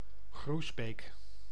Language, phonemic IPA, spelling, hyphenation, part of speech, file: Dutch, /ˈɣrus.beːk/, Groesbeek, Groes‧beek, proper noun, Nl-Groesbeek.ogg
- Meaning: a village in Gelderland, Netherlands